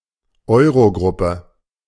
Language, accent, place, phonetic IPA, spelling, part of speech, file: German, Germany, Berlin, [ˈɔɪ̯ʁoˌɡʁʊpə], Euro-Gruppe, noun, De-Euro-Gruppe.ogg
- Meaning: Eurogroup